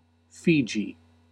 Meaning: A country and archipelago of over 300 islands in Melanesia in Oceania. Capital and largest city: Suva
- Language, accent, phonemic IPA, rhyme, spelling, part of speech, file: English, US, /ˈfiːdʒiː/, -iːdʒi, Fiji, proper noun, En-us-Fiji.ogg